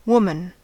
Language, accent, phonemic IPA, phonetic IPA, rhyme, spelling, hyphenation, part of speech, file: English, US, /ˈwʊmən/, [ˈwomɪn], -ʊmən, woman, wom‧an, noun / verb, En-us-woman.ogg
- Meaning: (noun) 1. An adult female human 2. All female humans collectively; womankind